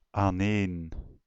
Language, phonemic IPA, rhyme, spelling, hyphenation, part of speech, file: Dutch, /aːnˈeːn/, -eːn, aaneen, aan‧een, adverb, Nl-aaneen.ogg
- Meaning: 1. together 2. continuously, without interruption